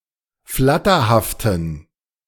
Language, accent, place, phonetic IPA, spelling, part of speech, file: German, Germany, Berlin, [ˈflatɐhaftn̩], flatterhaften, adjective, De-flatterhaften.ogg
- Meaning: inflection of flatterhaft: 1. strong genitive masculine/neuter singular 2. weak/mixed genitive/dative all-gender singular 3. strong/weak/mixed accusative masculine singular 4. strong dative plural